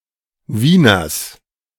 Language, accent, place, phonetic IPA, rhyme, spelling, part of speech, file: German, Germany, Berlin, [ˈviːnɐs], -iːnɐs, Wieners, noun, De-Wieners.ogg
- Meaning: genitive singular of Wiener